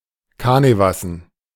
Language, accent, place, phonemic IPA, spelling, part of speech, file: German, Germany, Berlin, /ˈkanəvasn̩/, kanevassen, adjective, De-kanevassen.ogg
- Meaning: canvas